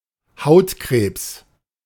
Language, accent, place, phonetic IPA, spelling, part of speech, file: German, Germany, Berlin, [ˈhaʊ̯tˌkʁeːps], Hautkrebs, noun, De-Hautkrebs.ogg
- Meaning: skin cancer